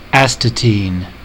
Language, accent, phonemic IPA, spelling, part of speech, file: English, US, /ˈæstəˌtin/, astatine, noun, En-us-astatine.ogg
- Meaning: A highly radioactive chemical element (symbol At), one of the halogens, with atomic number 85